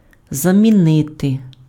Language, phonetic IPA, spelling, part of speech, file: Ukrainian, [zɐmʲiˈnɪte], замінити, verb, Uk-замінити.ogg
- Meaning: to replace (something/somebody with something/somebody: щось/кого́сь (accusative) чи́мось/ки́мось (instrumental))